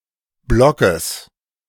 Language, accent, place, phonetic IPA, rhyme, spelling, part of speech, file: German, Germany, Berlin, [ˈblɔkəs], -ɔkəs, Blockes, noun, De-Blockes.ogg
- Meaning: genitive singular of Block